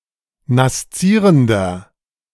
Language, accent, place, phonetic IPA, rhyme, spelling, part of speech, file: German, Germany, Berlin, [nasˈt͡siːʁəndɐ], -iːʁəndɐ, naszierender, adjective, De-naszierender.ogg
- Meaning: inflection of naszierend: 1. strong/mixed nominative masculine singular 2. strong genitive/dative feminine singular 3. strong genitive plural